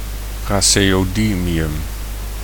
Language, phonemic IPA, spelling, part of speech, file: Dutch, /ˌprazejoˈdimijʏm/, praseodymium, noun, Nl-praseodymium.ogg
- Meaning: praseodymium